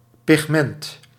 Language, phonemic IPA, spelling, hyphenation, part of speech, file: Dutch, /pɪxˈmɛnt/, pigment, pig‧ment, noun, Nl-pigment.ogg
- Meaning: pigment, coloring substance